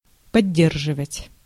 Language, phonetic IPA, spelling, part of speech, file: Russian, [pɐˈdʲːerʐɨvətʲ], поддерживать, verb, Ru-поддерживать.ogg
- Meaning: 1. to support, to back, to second, to uphold 2. to maintain, to keep up 3. to bear, to support